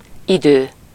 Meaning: a concept relating to the temporal dimension: 1. time (the progression into the future with the passing of events into the past) 2. time (numerical or general indication of a quantity of time)
- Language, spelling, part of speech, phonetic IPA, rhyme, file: Hungarian, idő, noun, [ˈidøː], -døː, Hu-idő.ogg